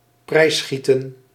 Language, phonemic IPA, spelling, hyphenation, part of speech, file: Dutch, /ˈprɛi̯sˌsxi.tə(n)/, prijsschieten, prijs‧schie‧ten, noun, Nl-prijsschieten.ogg
- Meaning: 1. a shooting game in which a prize is awarded to the best performer(s) 2. an occasion where people (often haphazardly) gang up to engage in uncharitable criticism